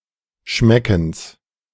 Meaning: genitive of Schmecken
- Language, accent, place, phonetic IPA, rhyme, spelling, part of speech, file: German, Germany, Berlin, [ˈʃmɛkn̩s], -ɛkn̩s, Schmeckens, noun, De-Schmeckens.ogg